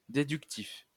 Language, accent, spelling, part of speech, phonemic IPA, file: French, France, déductif, adjective, /de.dyk.tif/, LL-Q150 (fra)-déductif.wav
- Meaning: deductive